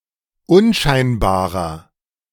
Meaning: 1. comparative degree of unscheinbar 2. inflection of unscheinbar: strong/mixed nominative masculine singular 3. inflection of unscheinbar: strong genitive/dative feminine singular
- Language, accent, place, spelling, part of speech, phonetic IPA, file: German, Germany, Berlin, unscheinbarer, adjective, [ˈʊnˌʃaɪ̯nbaːʁɐ], De-unscheinbarer.ogg